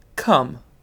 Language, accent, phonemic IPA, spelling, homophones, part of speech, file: English, UK, /kʌm/, cum, come, preposition / noun / verb, En-uk-cum.ogg
- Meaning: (preposition) Used in indicating a thing or person which has two or more roles, functions, or natures, or which has changed from one to another; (noun) 1. Semen 2. Female ejaculatory discharge